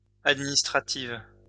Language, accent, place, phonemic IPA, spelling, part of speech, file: French, France, Lyon, /ad.mi.nis.tʁa.tiv/, administrative, adjective, LL-Q150 (fra)-administrative.wav
- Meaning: feminine singular of administratif